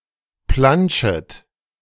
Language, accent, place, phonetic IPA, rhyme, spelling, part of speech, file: German, Germany, Berlin, [ˈplanʃət], -anʃət, planschet, verb, De-planschet.ogg
- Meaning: second-person plural subjunctive I of planschen